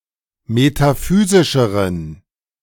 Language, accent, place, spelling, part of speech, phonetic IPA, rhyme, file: German, Germany, Berlin, metaphysischeren, adjective, [metaˈfyːzɪʃəʁən], -yːzɪʃəʁən, De-metaphysischeren.ogg
- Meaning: inflection of metaphysisch: 1. strong genitive masculine/neuter singular comparative degree 2. weak/mixed genitive/dative all-gender singular comparative degree